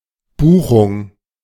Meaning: A booking, notably: 1. accounting entry 2. reservation for a service, such as an accommodation or performance
- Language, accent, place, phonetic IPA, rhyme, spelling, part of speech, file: German, Germany, Berlin, [ˈbuːxʊŋ], -uːxʊŋ, Buchung, noun, De-Buchung.ogg